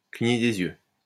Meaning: to wink
- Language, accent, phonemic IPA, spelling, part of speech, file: French, France, /kli.ɲe de.z‿jø/, cligner des yeux, verb, LL-Q150 (fra)-cligner des yeux.wav